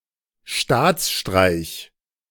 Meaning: coup d'état
- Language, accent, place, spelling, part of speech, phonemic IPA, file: German, Germany, Berlin, Staatsstreich, noun, /ˈʃtaːt͡sˌʃtʁaɪ̯ç/, De-Staatsstreich.ogg